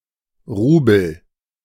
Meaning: ruble, rouble (currency)
- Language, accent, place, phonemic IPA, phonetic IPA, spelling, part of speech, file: German, Germany, Berlin, /ˈruːbəl/, [ˈʁuːbl̩], Rubel, noun, De-Rubel.ogg